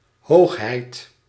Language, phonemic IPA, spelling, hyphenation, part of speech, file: Dutch, /ˈɦoːx.ɦɛi̯t/, hoogheid, hoog‧heid, noun, Nl-hoogheid.ogg
- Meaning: 1. majesty, highness (title of respect for a monarch) 2. height, altitude